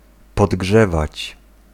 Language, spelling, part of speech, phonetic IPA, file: Polish, podgrzewać, verb, [pɔdˈɡʒɛvat͡ɕ], Pl-podgrzewać.ogg